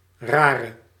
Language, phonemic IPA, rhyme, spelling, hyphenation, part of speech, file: Dutch, /ˈraː.rə/, -aːrə, rare, ra‧re, noun / adjective, Nl-rare.ogg
- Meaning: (noun) weird person; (adjective) inflection of raar: 1. masculine/feminine singular attributive 2. definite neuter singular attributive 3. plural attributive